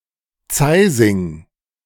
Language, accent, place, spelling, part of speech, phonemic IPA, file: German, Germany, Berlin, Zeising, noun, /ˈt͡saɪzɪŋ/, De-Zeising.ogg
- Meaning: gasket, ratline (short sailing rope)